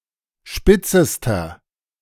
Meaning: inflection of spitz: 1. strong/mixed nominative masculine singular superlative degree 2. strong genitive/dative feminine singular superlative degree 3. strong genitive plural superlative degree
- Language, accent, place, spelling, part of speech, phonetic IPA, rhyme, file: German, Germany, Berlin, spitzester, adjective, [ˈʃpɪt͡səstɐ], -ɪt͡səstɐ, De-spitzester.ogg